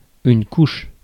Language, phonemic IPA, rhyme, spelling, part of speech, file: French, /kuʃ/, -uʃ, couche, noun / verb, Fr-couche.ogg
- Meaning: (noun) 1. bed (place for sleeping) 2. nappy/diaper 3. coat (of paint) 4. layer (of soil, snow etc.) 5. childbirth 6. shell